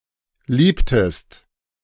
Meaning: inflection of lieben: 1. second-person singular preterite 2. second-person singular subjunctive II
- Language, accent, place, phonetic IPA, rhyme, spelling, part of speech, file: German, Germany, Berlin, [ˈliːptəst], -iːptəst, liebtest, verb, De-liebtest.ogg